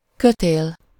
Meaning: rope
- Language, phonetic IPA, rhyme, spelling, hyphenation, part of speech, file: Hungarian, [ˈkøteːl], -eːl, kötél, kö‧tél, noun, Hu-kötél.ogg